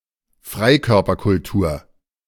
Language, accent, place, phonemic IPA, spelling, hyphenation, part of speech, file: German, Germany, Berlin, /ˈfʁaɪ̯kœʁpɐkʊlˌtuːɐ̯/, Freikörperkultur, Frei‧kör‧per‧kul‧tur, noun, De-Freikörperkultur.ogg
- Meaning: nudism; naturism (naturist movement related to Lebensreform)